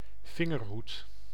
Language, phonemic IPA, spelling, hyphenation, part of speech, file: Dutch, /ˈvɪŋərˌɦut/, vingerhoed, vin‧ger‧hoed, noun, Nl-vingerhoed.ogg
- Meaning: thimble (sewing implement protecting the finger)